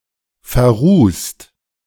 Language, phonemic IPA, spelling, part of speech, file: German, /ferˈruːst/, verrußt, verb / adjective, De-verrußt.ogg
- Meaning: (verb) past participle of verrußen; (adjective) sooted, covered in soot